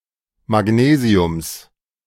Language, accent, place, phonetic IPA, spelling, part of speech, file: German, Germany, Berlin, [maˈɡneːzi̯ʊms], Magnesiums, noun, De-Magnesiums.ogg
- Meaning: genitive singular of Magnesium